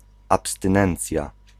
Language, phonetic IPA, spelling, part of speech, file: Polish, [ˌapstɨ̃ˈnɛ̃nt͡sʲja], abstynencja, noun, Pl-abstynencja.ogg